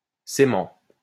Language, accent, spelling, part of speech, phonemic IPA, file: French, France, cément, noun, /se.mɑ̃/, LL-Q150 (fra)-cément.wav
- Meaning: cementum